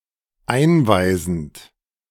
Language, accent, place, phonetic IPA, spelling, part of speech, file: German, Germany, Berlin, [ˈaɪ̯nˌvaɪ̯zn̩t], einweisend, verb, De-einweisend.ogg
- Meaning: present participle of einweisen